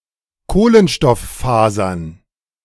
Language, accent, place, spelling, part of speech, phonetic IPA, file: German, Germany, Berlin, Kohlenstofffasern, noun, [ˈkoːlənʃtɔfˌfaːzɐn], De-Kohlenstofffasern.ogg
- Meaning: genitive singular of Kohlenstofffaser